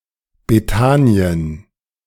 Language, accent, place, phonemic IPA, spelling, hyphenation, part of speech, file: German, Germany, Berlin, /beːˈtaːni̯ən/, Bethanien, Be‧tha‧ni‧en, proper noun, De-Bethanien.ogg
- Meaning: 1. Bethany 2. Bethany (a rural town in Barossa Council, Barossa Valley, South Australia, Australia, formerly known as Bethanien)